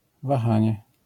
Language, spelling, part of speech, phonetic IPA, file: Polish, wahanie, noun, [vaˈxãɲɛ], LL-Q809 (pol)-wahanie.wav